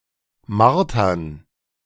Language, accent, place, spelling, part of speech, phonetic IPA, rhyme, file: German, Germany, Berlin, Martern, noun, [ˈmaʁtɐn], -aʁtɐn, De-Martern.ogg
- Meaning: plural of Marter